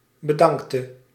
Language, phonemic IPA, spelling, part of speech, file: Dutch, /bə.ˈdɑŋk.tə/, bedankte, verb, Nl-bedankte.ogg
- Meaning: inflection of bedanken: 1. singular past indicative 2. singular past subjunctive